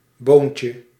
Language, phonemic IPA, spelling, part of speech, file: Dutch, /ˈboncə/, boontje, noun, Nl-boontje.ogg
- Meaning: diminutive of boon